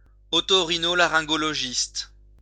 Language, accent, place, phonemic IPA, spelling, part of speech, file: French, France, Lyon, /ɔ.tɔ.ʁi.nɔ.la.ʁɛ̃.ɡɔ.lɔ.ʒist/, otorhinolaryngologiste, noun, LL-Q150 (fra)-otorhinolaryngologiste.wav
- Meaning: post-1990 spelling of oto-rhino-laryngologiste